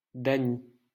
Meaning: a male or female given name: 1. diminutive of Daniel a male given name, equivalent to English Danny 2. diminutive of Danielle a female given name, equivalent to English Dani
- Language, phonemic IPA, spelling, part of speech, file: French, /da.ni/, Dany, proper noun, LL-Q150 (fra)-Dany.wav